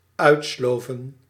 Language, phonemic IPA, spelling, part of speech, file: Dutch, /ˈœytslovə(n)/, uitsloven, verb, Nl-uitsloven.ogg
- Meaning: 1. to work hard, perhaps excessively; to slave away 2. try to impress by performing some activity